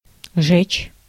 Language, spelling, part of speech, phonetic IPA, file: Russian, жечь, verb, [ʐɛt͡ɕ], Ru-жечь.ogg
- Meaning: 1. to burn (to cause something to be consumed by fire; to cause burns or a burning sensation in something) 2. to torment